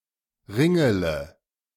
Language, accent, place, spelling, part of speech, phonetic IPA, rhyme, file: German, Germany, Berlin, ringele, verb, [ˈʁɪŋələ], -ɪŋələ, De-ringele.ogg
- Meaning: inflection of ringeln: 1. first-person singular present 2. first-person plural subjunctive I 3. third-person singular subjunctive I 4. singular imperative